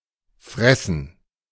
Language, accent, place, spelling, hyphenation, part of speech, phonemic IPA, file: German, Germany, Berlin, Fressen, Fres‧sen, noun, /ˈfʁɛsn̩/, De-Fressen.ogg
- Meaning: 1. gerund of fressen; gorging, feeding 2. fodder, food (of an animal) 3. grub 4. plural of Fresse